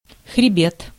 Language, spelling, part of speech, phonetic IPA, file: Russian, хребет, noun, [xrʲɪˈbʲet], Ru-хребет.ogg
- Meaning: 1. spine, spinal column, backbone (also figuratively) 2. crest (of a wave or hill) 3. ridge, range (a chain of mountains)